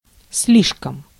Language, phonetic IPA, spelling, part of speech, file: Russian, [ˈs⁽ʲ⁾lʲiʂkəm], слишком, adverb, Ru-слишком.ogg
- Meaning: too (more than enough), too much